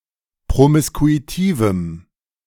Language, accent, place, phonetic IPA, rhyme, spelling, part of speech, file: German, Germany, Berlin, [pʁomɪskuiˈtiːvm̩], -iːvm̩, promiskuitivem, adjective, De-promiskuitivem.ogg
- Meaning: strong dative masculine/neuter singular of promiskuitiv